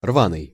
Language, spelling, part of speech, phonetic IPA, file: Russian, рваный, adjective, [ˈrvanɨj], Ru-рваный.ogg
- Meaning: 1. torn 2. jagged 3. uneven